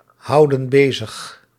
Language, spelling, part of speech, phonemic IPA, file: Dutch, houden bezig, verb, /ˈhɑudə(n) ˈbezəx/, Nl-houden bezig.ogg
- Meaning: inflection of bezighouden: 1. plural present indicative 2. plural present subjunctive